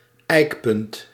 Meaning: benchmark
- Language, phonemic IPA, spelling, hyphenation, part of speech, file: Dutch, /ˈɛikpʏnt/, ijkpunt, ijk‧punt, noun, Nl-ijkpunt.ogg